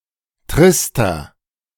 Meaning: 1. comparative degree of trist 2. inflection of trist: strong/mixed nominative masculine singular 3. inflection of trist: strong genitive/dative feminine singular
- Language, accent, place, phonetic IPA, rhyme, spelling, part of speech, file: German, Germany, Berlin, [ˈtʁɪstɐ], -ɪstɐ, trister, adjective, De-trister.ogg